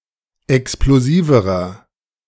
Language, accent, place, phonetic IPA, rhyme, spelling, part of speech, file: German, Germany, Berlin, [ɛksploˈziːvəʁɐ], -iːvəʁɐ, explosiverer, adjective, De-explosiverer.ogg
- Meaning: inflection of explosiv: 1. strong/mixed nominative masculine singular comparative degree 2. strong genitive/dative feminine singular comparative degree 3. strong genitive plural comparative degree